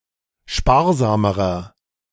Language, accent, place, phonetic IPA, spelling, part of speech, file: German, Germany, Berlin, [ˈʃpaːɐ̯ˌzaːməʁɐ], sparsamerer, adjective, De-sparsamerer.ogg
- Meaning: inflection of sparsam: 1. strong/mixed nominative masculine singular comparative degree 2. strong genitive/dative feminine singular comparative degree 3. strong genitive plural comparative degree